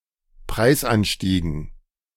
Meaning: dative plural of Preisanstieg
- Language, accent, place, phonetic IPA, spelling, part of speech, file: German, Germany, Berlin, [ˈpʁaɪ̯sˌʔanʃtiːɡn̩], Preisanstiegen, noun, De-Preisanstiegen.ogg